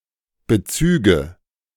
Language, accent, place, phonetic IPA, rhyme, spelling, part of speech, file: German, Germany, Berlin, [bəˈt͡syːɡə], -yːɡə, Bezüge, noun, De-Bezüge.ogg
- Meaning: nominative/accusative/genitive plural of Bezug